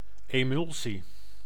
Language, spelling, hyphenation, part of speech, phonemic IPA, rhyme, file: Dutch, emulsie, emul‧sie, noun, /ˌeːˈmʏl.si/, -ʏlsi, Nl-emulsie.ogg
- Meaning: 1. an emulsion (stable suspension) 2. an emulsion (photosensitive coating)